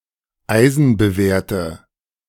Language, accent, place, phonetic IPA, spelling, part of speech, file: German, Germany, Berlin, [ˈaɪ̯zn̩bəˌveːɐ̯tə], eisenbewehrte, adjective, De-eisenbewehrte.ogg
- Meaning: inflection of eisenbewehrt: 1. strong/mixed nominative/accusative feminine singular 2. strong nominative/accusative plural 3. weak nominative all-gender singular